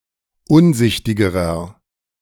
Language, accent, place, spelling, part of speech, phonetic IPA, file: German, Germany, Berlin, unsichtigerer, adjective, [ˈʊnˌzɪçtɪɡəʁɐ], De-unsichtigerer.ogg
- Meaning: inflection of unsichtig: 1. strong/mixed nominative masculine singular comparative degree 2. strong genitive/dative feminine singular comparative degree 3. strong genitive plural comparative degree